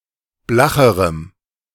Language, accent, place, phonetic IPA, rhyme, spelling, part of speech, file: German, Germany, Berlin, [ˈblaxəʁəm], -axəʁəm, blacherem, adjective, De-blacherem.ogg
- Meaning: strong dative masculine/neuter singular comparative degree of blach